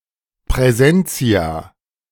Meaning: plural of Präsens
- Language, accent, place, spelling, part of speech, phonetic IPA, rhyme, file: German, Germany, Berlin, Präsentia, noun, [pʁɛˈzɛnt͡si̯a], -ɛnt͡si̯a, De-Präsentia.ogg